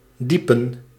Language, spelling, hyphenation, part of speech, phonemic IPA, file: Dutch, diepen, die‧pen, verb, /ˈdi.pə(n)/, Nl-diepen.ogg
- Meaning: to deepen